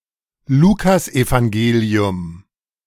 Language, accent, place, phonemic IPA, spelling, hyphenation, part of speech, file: German, Germany, Berlin, /ˈluːkasʔevaŋˌɡeːli̯ʊm/, Lukasevangelium, Lu‧kas‧evan‧ge‧li‧um, proper noun, De-Lukasevangelium.ogg
- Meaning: the Gospel according to Luke